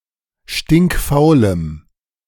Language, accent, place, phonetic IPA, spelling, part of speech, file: German, Germany, Berlin, [ˌʃtɪŋkˈfaʊ̯ləm], stinkfaulem, adjective, De-stinkfaulem.ogg
- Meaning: strong dative masculine/neuter singular of stinkfaul